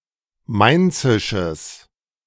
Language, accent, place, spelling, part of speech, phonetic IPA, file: German, Germany, Berlin, mainzisches, adjective, [ˈmaɪ̯nt͡sɪʃəs], De-mainzisches.ogg
- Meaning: strong/mixed nominative/accusative neuter singular of mainzisch